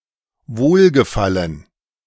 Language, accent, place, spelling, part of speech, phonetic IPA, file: German, Germany, Berlin, Wohlgefallen, noun, [ˈvoːlɡəˌfalən], De-Wohlgefallen.ogg
- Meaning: pleasure; satisfaction; well-being